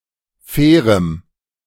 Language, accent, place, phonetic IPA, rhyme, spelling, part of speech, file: German, Germany, Berlin, [ˈfɛːʁəm], -ɛːʁəm, fairem, adjective, De-fairem.ogg
- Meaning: strong dative masculine/neuter singular of fair